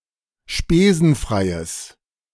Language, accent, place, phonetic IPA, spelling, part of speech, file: German, Germany, Berlin, [ˈʃpeːzn̩ˌfʁaɪ̯əs], spesenfreies, adjective, De-spesenfreies.ogg
- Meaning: strong/mixed nominative/accusative neuter singular of spesenfrei